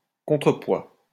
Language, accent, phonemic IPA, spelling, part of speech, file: French, France, /kɔ̃.tʁə.pwa/, contrepoids, noun, LL-Q150 (fra)-contrepoids.wav
- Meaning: counterweight